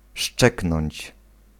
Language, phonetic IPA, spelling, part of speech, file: Polish, [ˈʃt͡ʃɛknɔ̃ɲt͡ɕ], szczeknąć, verb, Pl-szczeknąć.ogg